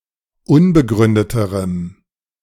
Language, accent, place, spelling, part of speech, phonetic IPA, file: German, Germany, Berlin, unbegründeterem, adjective, [ˈʊnbəˌɡʁʏndətəʁəm], De-unbegründeterem.ogg
- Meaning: strong dative masculine/neuter singular comparative degree of unbegründet